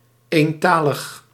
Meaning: monolingual
- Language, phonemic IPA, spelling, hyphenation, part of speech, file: Dutch, /ˌeːnˈtaː.ləx/, eentalig, een‧ta‧lig, adjective, Nl-eentalig.ogg